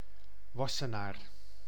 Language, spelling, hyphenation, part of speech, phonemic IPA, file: Dutch, Wassenaar, Was‧se‧naar, proper noun, /ˈʋɑ.səˌnaːr/, Nl-Wassenaar.ogg
- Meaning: a town and municipality of South Holland, Netherlands, located between The Hague and Leiden